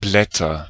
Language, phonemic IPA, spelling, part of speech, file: German, /ˈblɛtɐ/, Blätter, noun, De-Blätter.ogg
- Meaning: 1. nominative plural of Blatt 2. genitive plural of Blatt 3. accusative plural of Blatt